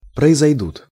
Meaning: third-person plural future indicative perfective of произойти́ (proizojtí)
- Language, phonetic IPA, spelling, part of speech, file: Russian, [prəɪzɐjˈdut], произойдут, verb, Ru-произойдут.ogg